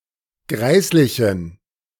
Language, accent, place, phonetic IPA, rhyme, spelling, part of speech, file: German, Germany, Berlin, [ˈɡʁaɪ̯slɪçn̩], -aɪ̯slɪçn̩, greislichen, adjective, De-greislichen.ogg
- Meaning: inflection of greislich: 1. strong genitive masculine/neuter singular 2. weak/mixed genitive/dative all-gender singular 3. strong/weak/mixed accusative masculine singular 4. strong dative plural